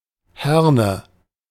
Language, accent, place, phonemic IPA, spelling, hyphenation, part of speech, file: German, Germany, Berlin, /ˈhɛʁnə/, Herne, Her‧ne, proper noun, De-Herne.ogg
- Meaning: 1. Herne (an independent city in Ruhr Area, North Rhine-Westphalia, Germany) 2. a municipality of Flemish Brabant, Belgium